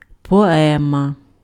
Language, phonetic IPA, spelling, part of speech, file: Ukrainian, [pɔˈɛmɐ], поема, noun, Uk-поема.ogg
- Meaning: poem (large work of narrative poetry)